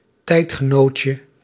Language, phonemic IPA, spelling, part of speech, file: Dutch, /ˈtɛitxəˌnocə/, tijdgenootje, noun, Nl-tijdgenootje.ogg
- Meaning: diminutive of tijdgenoot